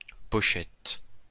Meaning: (noun) 1. pocket 2. sleeve (of e.g. a CD) 3. clutch bag; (verb) inflection of pocheter: 1. first/third-person singular present indicative/subjunctive 2. second-person imperative
- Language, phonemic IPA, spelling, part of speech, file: French, /pɔ.ʃɛt/, pochette, noun / verb, LL-Q150 (fra)-pochette.wav